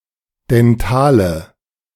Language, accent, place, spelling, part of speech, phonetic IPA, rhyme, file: German, Germany, Berlin, dentale, adjective, [dɛnˈtaːlə], -aːlə, De-dentale.ogg
- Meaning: inflection of dental: 1. strong/mixed nominative/accusative feminine singular 2. strong nominative/accusative plural 3. weak nominative all-gender singular 4. weak accusative feminine/neuter singular